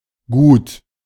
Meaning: 1. commodity, property, possession, good 2. a large farmstead, estate related to agriculture
- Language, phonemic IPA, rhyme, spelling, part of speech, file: German, /ɡuːt/, -uːt, Gut, noun, De-Gut.ogg